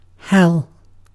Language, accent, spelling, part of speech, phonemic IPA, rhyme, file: English, UK, hell, proper noun / noun / interjection / adverb / verb, /hɛl/, -ɛl, En-uk-hell.ogg
- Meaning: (proper noun) A place of torment where some or all sinners are believed to go after death and evil spirits are believed to be; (noun) A place or situation of great suffering in life